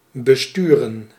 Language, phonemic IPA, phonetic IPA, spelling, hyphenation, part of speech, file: Dutch, /bəˈstyrə(n)/, [bəˈstyːrə(n)], besturen, be‧stu‧ren, verb, Nl-besturen.ogg
- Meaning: 1. to steer 2. to operate 3. to drive (e.g. a car or vehicle) 4. to govern